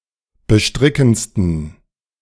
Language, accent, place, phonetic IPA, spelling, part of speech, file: German, Germany, Berlin, [bəˈʃtʁɪkn̩t͡stən], bestrickendsten, adjective, De-bestrickendsten.ogg
- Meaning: 1. superlative degree of bestrickend 2. inflection of bestrickend: strong genitive masculine/neuter singular superlative degree